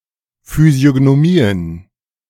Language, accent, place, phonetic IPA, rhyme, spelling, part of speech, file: German, Germany, Berlin, [fyzi̯oɡnoˈmiːən], -iːən, Physiognomien, noun, De-Physiognomien.ogg
- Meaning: plural of Physiognomie